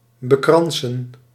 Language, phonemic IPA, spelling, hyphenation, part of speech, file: Dutch, /bəˈkrɑn.sə(n)/, bekransen, be‧kran‧sen, verb, Nl-bekransen.ogg
- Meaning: to give a wreath to, to bestow a wreath on